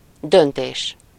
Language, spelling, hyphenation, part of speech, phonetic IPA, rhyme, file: Hungarian, döntés, dön‧tés, noun, [ˈdønteːʃ], -eːʃ, Hu-döntés.ogg
- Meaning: decision